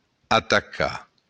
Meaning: to attack
- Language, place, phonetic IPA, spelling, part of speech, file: Occitan, Béarn, [ataˈka], atacar, verb, LL-Q14185 (oci)-atacar.wav